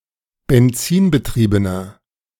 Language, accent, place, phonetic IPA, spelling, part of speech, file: German, Germany, Berlin, [bɛnˈt͡siːnbəˌtʁiːbənɐ], benzinbetriebener, adjective, De-benzinbetriebener.ogg
- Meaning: inflection of benzinbetrieben: 1. strong/mixed nominative masculine singular 2. strong genitive/dative feminine singular 3. strong genitive plural